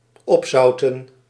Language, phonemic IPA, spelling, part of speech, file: Dutch, /ˈɔpsɑutə(n)/, opzouten, verb, Nl-opzouten.ogg
- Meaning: 1. to salt up, to pickle 2. to bottle up, to hold in, to not express 3. to get lost, to go away, to piss off